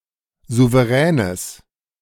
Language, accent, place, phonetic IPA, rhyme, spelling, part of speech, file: German, Germany, Berlin, [ˌzuvəˈʁɛːnəs], -ɛːnəs, souveränes, adjective, De-souveränes.ogg
- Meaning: strong/mixed nominative/accusative neuter singular of souverän